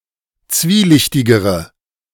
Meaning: inflection of zwielichtig: 1. strong/mixed nominative/accusative feminine singular comparative degree 2. strong nominative/accusative plural comparative degree
- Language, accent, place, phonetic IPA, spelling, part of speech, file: German, Germany, Berlin, [ˈt͡sviːˌlɪçtɪɡəʁə], zwielichtigere, adjective, De-zwielichtigere.ogg